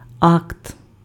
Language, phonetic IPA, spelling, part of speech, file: Ukrainian, [akt], акт, noun, Uk-акт.ogg
- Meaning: 1. statement, report, certificate (document) 2. action, act